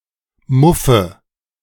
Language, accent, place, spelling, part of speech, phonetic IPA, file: German, Germany, Berlin, muffe, verb, [ˈmʊfə], De-muffe.ogg
- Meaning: inflection of muffen: 1. first-person singular present 2. first/third-person singular subjunctive I 3. singular imperative